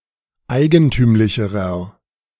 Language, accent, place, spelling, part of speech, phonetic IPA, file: German, Germany, Berlin, eigentümlicherer, adjective, [ˈaɪ̯ɡənˌtyːmlɪçəʁɐ], De-eigentümlicherer.ogg
- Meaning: inflection of eigentümlich: 1. strong/mixed nominative masculine singular comparative degree 2. strong genitive/dative feminine singular comparative degree 3. strong genitive plural comparative degree